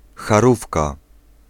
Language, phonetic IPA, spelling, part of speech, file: Polish, [xaˈrufka], harówka, noun, Pl-harówka.ogg